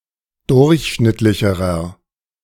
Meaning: inflection of durchschnittlich: 1. strong/mixed nominative masculine singular comparative degree 2. strong genitive/dative feminine singular comparative degree
- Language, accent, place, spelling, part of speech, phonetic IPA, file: German, Germany, Berlin, durchschnittlicherer, adjective, [ˈdʊʁçˌʃnɪtlɪçəʁɐ], De-durchschnittlicherer.ogg